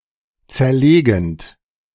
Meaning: present participle of zerlegen
- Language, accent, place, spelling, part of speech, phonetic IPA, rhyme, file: German, Germany, Berlin, zerlegend, verb, [ˌt͡sɛɐ̯ˈleːɡn̩t], -eːɡn̩t, De-zerlegend.ogg